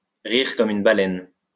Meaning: laugh out loud; laugh one's head off; laugh like a drain
- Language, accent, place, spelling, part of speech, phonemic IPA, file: French, France, Lyon, rire comme une baleine, verb, /ʁiʁ kɔm yn ba.lɛn/, LL-Q150 (fra)-rire comme une baleine.wav